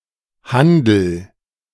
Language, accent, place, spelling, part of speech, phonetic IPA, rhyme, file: German, Germany, Berlin, handel, verb, [ˈhandl̩], -andl̩, De-handel.ogg
- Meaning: inflection of handeln: 1. first-person singular present 2. singular imperative